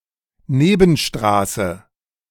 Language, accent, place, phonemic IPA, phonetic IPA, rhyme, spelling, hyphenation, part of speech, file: German, Germany, Berlin, /ˈneːbənˌʃtʁaːsə/, [ˈneːbn̩ˌʃtʁaːsə], -aːsə, Nebenstraße, Ne‧ben‧stra‧ße, noun, De-Nebenstraße.ogg
- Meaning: sideroad